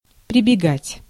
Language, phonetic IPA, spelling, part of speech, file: Russian, [prʲɪbʲɪˈɡatʲ], прибегать, verb, Ru-прибегать.ogg
- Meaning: 1. to resort, to have recourse, to fall back (upon) 2. to come running